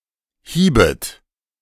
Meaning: second-person plural subjunctive I of hauen
- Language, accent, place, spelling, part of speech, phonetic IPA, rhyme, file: German, Germany, Berlin, hiebet, verb, [ˈhiːbət], -iːbət, De-hiebet.ogg